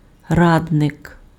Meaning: 1. councillor (member of a council) 2. advisor, adviser, counsellor, consultant
- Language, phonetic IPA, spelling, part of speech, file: Ukrainian, [ˈradnek], радник, noun, Uk-радник.ogg